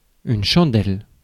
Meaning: 1. a (tallow) candle 2. any candle 3. candlelight 4. enlightenment 5. a jack stand 6. a chandelle 7. up and under
- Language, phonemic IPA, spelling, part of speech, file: French, /ʃɑ̃.dɛl/, chandelle, noun, Fr-chandelle.ogg